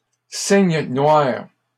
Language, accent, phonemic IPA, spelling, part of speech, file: French, Canada, /siɲ nwaʁ/, cygne noir, noun, LL-Q150 (fra)-cygne noir.wav
- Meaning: black swan